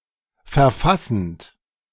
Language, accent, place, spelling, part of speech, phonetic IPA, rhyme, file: German, Germany, Berlin, verfassend, verb, [fɛɐ̯ˈfasn̩t], -asn̩t, De-verfassend.ogg
- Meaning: present participle of verfassen